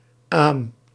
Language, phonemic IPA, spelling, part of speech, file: Dutch, /aːm/, aâm, noun, Nl-aâm.ogg
- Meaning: obsolete form of adem